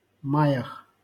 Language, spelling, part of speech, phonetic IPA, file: Russian, маях, noun, [ˈmajəx], LL-Q7737 (rus)-маях.wav
- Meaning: prepositional plural of май (maj)